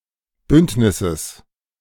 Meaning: genitive singular of Bündnis
- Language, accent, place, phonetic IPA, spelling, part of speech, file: German, Germany, Berlin, [ˈbʏntnɪsəs], Bündnisses, noun, De-Bündnisses.ogg